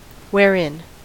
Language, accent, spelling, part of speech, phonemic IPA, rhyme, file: English, US, wherein, adverb / conjunction, /wɛˈɹɪn/, -ɪn, En-us-wherein.ogg
- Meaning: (adverb) How, or in what way; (conjunction) 1. Where, or in which location 2. During which